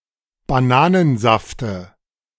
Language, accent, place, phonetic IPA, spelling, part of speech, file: German, Germany, Berlin, [baˈnaːnənˌzaftə], Bananensafte, noun, De-Bananensafte.ogg
- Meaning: dative singular of Bananensaft